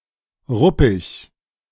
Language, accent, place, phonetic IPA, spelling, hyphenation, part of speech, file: German, Germany, Berlin, [ˈʁʊpɪç], ruppig, rup‧pig, adjective, De-ruppig.ogg
- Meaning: 1. rough, gruff, abrasive 2. rough, uneven, bumpy 3. dishevelled, having irregular fur or foliage with bald spots